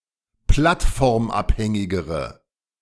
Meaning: inflection of plattformabhängig: 1. strong/mixed nominative/accusative feminine singular comparative degree 2. strong nominative/accusative plural comparative degree
- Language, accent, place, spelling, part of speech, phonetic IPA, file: German, Germany, Berlin, plattformabhängigere, adjective, [ˈplatfɔʁmˌʔaphɛŋɪɡəʁə], De-plattformabhängigere.ogg